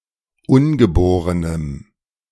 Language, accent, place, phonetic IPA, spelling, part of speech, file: German, Germany, Berlin, [ˈʊnɡəˌboːʁənəm], ungeborenem, adjective, De-ungeborenem.ogg
- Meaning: strong dative masculine/neuter singular of ungeboren